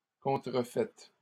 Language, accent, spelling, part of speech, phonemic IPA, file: French, Canada, contrefaites, verb, /kɔ̃.tʁə.fɛt/, LL-Q150 (fra)-contrefaites.wav
- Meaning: 1. inflection of contrefaire: second-person plural present indicative 2. inflection of contrefaire: second-person plural imperative 3. feminine plural of contrefait